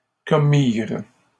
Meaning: third-person plural past historic of commettre
- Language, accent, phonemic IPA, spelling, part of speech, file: French, Canada, /kɔ.miʁ/, commirent, verb, LL-Q150 (fra)-commirent.wav